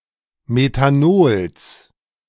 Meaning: genitive singular of Methanol
- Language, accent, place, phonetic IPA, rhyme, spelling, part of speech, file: German, Germany, Berlin, [metaˈnoːls], -oːls, Methanols, noun, De-Methanols.ogg